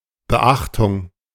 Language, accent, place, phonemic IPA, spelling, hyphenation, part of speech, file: German, Germany, Berlin, /bəˈʔaxtʊŋ/, Beachtung, Be‧ach‧tung, noun, De-Beachtung.ogg
- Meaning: 1. regard, heed, attention 2. observance 3. observation, notice